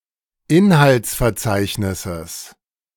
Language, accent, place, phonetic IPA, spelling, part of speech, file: German, Germany, Berlin, [ˈɪnhalt͡sfɛɐ̯ˌt͡saɪ̯çnɪsəs], Inhaltsverzeichnisses, noun, De-Inhaltsverzeichnisses.ogg
- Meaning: genitive singular of Inhaltsverzeichnis